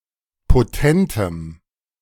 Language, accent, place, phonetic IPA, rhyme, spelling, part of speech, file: German, Germany, Berlin, [poˈtɛntəm], -ɛntəm, potentem, adjective, De-potentem.ogg
- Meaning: strong dative masculine/neuter singular of potent